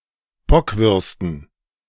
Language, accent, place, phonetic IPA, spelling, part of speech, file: German, Germany, Berlin, [ˈbɔkvʏʁstən], Bockwürsten, noun, De-Bockwürsten.ogg
- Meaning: dative plural of Bockwurst